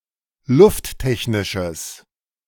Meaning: strong/mixed nominative/accusative neuter singular of lufttechnisch
- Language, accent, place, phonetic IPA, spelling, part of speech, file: German, Germany, Berlin, [ˈlʊftˌtɛçnɪʃəs], lufttechnisches, adjective, De-lufttechnisches.ogg